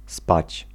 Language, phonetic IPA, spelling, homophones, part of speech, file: Polish, [spat͡ɕ], spać, spadź, verb, Pl-spać.ogg